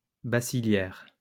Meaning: bacilliary
- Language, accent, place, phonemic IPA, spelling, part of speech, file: French, France, Lyon, /ba.si.lɛʁ/, bacillaire, adjective, LL-Q150 (fra)-bacillaire.wav